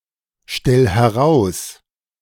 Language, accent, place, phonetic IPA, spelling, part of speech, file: German, Germany, Berlin, [ˌʃtɛl hɛˈʁaʊ̯s], stell heraus, verb, De-stell heraus.ogg
- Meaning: 1. singular imperative of herausstellen 2. first-person singular present of herausstellen